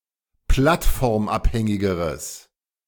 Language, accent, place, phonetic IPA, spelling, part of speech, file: German, Germany, Berlin, [ˈplatfɔʁmˌʔaphɛŋɪɡəʁəs], plattformabhängigeres, adjective, De-plattformabhängigeres.ogg
- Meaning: strong/mixed nominative/accusative neuter singular comparative degree of plattformabhängig